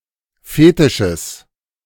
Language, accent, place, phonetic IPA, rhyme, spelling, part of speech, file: German, Germany, Berlin, [ˈfeːtɪʃəs], -eːtɪʃəs, Fetisches, noun, De-Fetisches.ogg
- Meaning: genitive singular of Fetisch